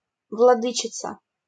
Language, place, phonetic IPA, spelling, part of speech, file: Russian, Saint Petersburg, [vɫɐˈdɨt͡ɕɪt͡sə], владычица, noun, LL-Q7737 (rus)-владычица.wav
- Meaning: female equivalent of влады́ка (vladýka): female ruler or sovereign; mistress